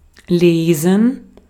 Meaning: 1. to read (to look at and understand symbols, words, or data) 2. to read (to give off a certain impression while being read; of a text) 3. to select and gather or harvest (grapes, etc.)
- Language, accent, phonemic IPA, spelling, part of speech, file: German, Austria, /ˈleːsn̩/, lesen, verb, De-at-lesen.ogg